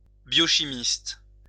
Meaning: biochemist (a chemist whose speciality is biochemistry)
- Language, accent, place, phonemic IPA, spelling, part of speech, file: French, France, Lyon, /bjɔ.ʃi.mist/, biochimiste, noun, LL-Q150 (fra)-biochimiste.wav